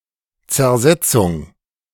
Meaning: 1. decomposition 2. subversion, undermining 3. Zersetzung
- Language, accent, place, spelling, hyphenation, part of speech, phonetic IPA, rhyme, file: German, Germany, Berlin, Zersetzung, Zer‧set‧zung, noun, [t͡sɛɐ̯ˈzɛt͡sʊŋ], -ɛt͡sʊŋ, De-Zersetzung.ogg